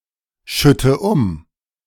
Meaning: inflection of umschütten: 1. first-person singular present 2. first/third-person singular subjunctive I 3. singular imperative
- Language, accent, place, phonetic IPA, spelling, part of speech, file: German, Germany, Berlin, [ˌʃʏtə ˈʊm], schütte um, verb, De-schütte um.ogg